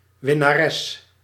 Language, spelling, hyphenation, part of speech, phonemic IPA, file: Dutch, winnares, win‧na‧res, noun, /ʋɪ.naːˈrɛs/, Nl-winnares.ogg
- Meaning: winner